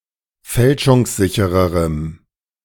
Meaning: strong dative masculine/neuter singular comparative degree of fälschungssicher
- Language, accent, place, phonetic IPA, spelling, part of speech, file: German, Germany, Berlin, [ˈfɛlʃʊŋsˌzɪçəʁəʁəm], fälschungssichererem, adjective, De-fälschungssichererem.ogg